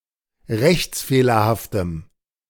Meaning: strong dative masculine/neuter singular of rechtsfehlerhaft
- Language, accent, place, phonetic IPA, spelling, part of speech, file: German, Germany, Berlin, [ˈʁɛçt͡sˌfeːlɐhaftəm], rechtsfehlerhaftem, adjective, De-rechtsfehlerhaftem.ogg